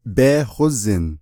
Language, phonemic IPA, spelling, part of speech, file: Navajo, /péːhózɪ̀n/, bééhózin, verb, Nv-bééhózin.ogg
- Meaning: it is known about, there is knowledge about it, to know about something